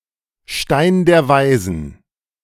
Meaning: philosopher's stone
- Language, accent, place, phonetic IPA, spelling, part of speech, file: German, Germany, Berlin, [ʃtaɪ̯n deːɐ̯ ˈvaɪ̯zn̩], Stein der Weisen, phrase, De-Stein der Weisen.ogg